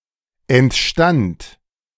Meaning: first/third-person singular preterite of entstehen
- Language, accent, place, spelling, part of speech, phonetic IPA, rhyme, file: German, Germany, Berlin, entstand, verb, [ɛntˈʃtant], -ant, De-entstand.ogg